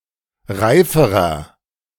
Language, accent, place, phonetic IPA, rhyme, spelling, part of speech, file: German, Germany, Berlin, [ˈʁaɪ̯fəʁɐ], -aɪ̯fəʁɐ, reiferer, adjective, De-reiferer.ogg
- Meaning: inflection of reif: 1. strong/mixed nominative masculine singular comparative degree 2. strong genitive/dative feminine singular comparative degree 3. strong genitive plural comparative degree